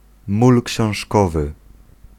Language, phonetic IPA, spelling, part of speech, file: Polish, [ˈmul cɕɔ̃w̃ʃˈkɔvɨ], mól książkowy, noun, Pl-mól książkowy.ogg